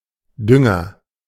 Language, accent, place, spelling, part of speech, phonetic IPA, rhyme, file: German, Germany, Berlin, Dünger, noun, [ˈdʏŋɐ], -ʏŋɐ, De-Dünger.ogg
- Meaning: fertilizer